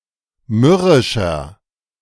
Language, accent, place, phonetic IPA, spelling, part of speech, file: German, Germany, Berlin, [ˈmʏʁɪʃɐ], mürrischer, adjective, De-mürrischer.ogg
- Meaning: 1. comparative degree of mürrisch 2. inflection of mürrisch: strong/mixed nominative masculine singular 3. inflection of mürrisch: strong genitive/dative feminine singular